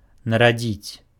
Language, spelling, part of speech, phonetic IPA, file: Belarusian, нарадзіць, verb, [naraˈd͡zʲit͡sʲ], Be-нарадзіць.ogg
- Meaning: to give birth to someone